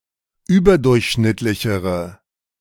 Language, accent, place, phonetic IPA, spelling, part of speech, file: German, Germany, Berlin, [ˈyːbɐˌdʊʁçʃnɪtlɪçəʁə], überdurchschnittlichere, adjective, De-überdurchschnittlichere.ogg
- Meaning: inflection of überdurchschnittlich: 1. strong/mixed nominative/accusative feminine singular comparative degree 2. strong nominative/accusative plural comparative degree